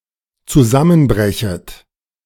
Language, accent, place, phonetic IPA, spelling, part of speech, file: German, Germany, Berlin, [t͡suˈzamənˌbʁɛçət], zusammenbrechet, verb, De-zusammenbrechet.ogg
- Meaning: second-person plural dependent subjunctive I of zusammenbrechen